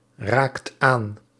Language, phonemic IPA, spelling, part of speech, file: Dutch, /ˈrakt ˈan/, raakt aan, verb, Nl-raakt aan.ogg
- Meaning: inflection of aanraken: 1. second/third-person singular present indicative 2. plural imperative